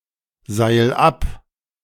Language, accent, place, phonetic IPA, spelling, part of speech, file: German, Germany, Berlin, [ˌzaɪ̯l ˈap], seil ab, verb, De-seil ab.ogg
- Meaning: 1. singular imperative of abseilen 2. first-person singular present of abseilen